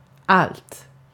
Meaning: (pronoun) everything, all; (determiner) neuter singular of all; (adverb) 1. increasingly, more and more 2. sure (for sure)
- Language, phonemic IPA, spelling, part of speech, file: Swedish, /alt/, allt, pronoun / determiner / adverb, Sv-allt.ogg